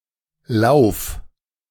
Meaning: 1. singular imperative of laufen 2. first-person singular present of laufen
- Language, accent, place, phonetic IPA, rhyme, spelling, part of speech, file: German, Germany, Berlin, [laʊ̯f], -aʊ̯f, lauf, verb, De-lauf.ogg